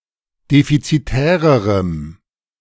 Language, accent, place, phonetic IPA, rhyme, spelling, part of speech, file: German, Germany, Berlin, [ˌdefit͡siˈtɛːʁəʁəm], -ɛːʁəʁəm, defizitärerem, adjective, De-defizitärerem.ogg
- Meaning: strong dative masculine/neuter singular comparative degree of defizitär